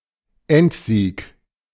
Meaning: final victory
- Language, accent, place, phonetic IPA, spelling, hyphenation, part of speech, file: German, Germany, Berlin, [ˈɛntˌziːk], Endsieg, End‧sieg, noun, De-Endsieg.ogg